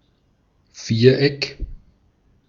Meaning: quadrangle, quadrilateral
- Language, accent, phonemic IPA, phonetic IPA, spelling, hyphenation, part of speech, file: German, Austria, /ˈfiːʁˌɛk/, [ˈfiːɐ̯ˌʔɛkʰ], Viereck, Vier‧eck, noun, De-at-Viereck.ogg